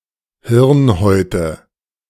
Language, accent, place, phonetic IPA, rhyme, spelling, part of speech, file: German, Germany, Berlin, [ˈhɪʁnˌhɔɪ̯tə], -ɪʁnhɔɪ̯tə, Hirnhäute, noun, De-Hirnhäute.ogg
- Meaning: nominative/accusative/genitive plural of Hirnhaut